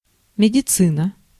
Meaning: medicine (field of study and profession)
- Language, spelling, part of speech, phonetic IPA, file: Russian, медицина, noun, [mʲɪdʲɪˈt͡sɨnə], Ru-медицина.ogg